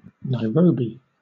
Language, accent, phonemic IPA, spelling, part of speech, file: English, Southern England, /naɪˈɹəʊbi/, Nairobi, proper noun, LL-Q1860 (eng)-Nairobi.wav
- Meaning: 1. The capital city of Kenya 2. The Kenyan government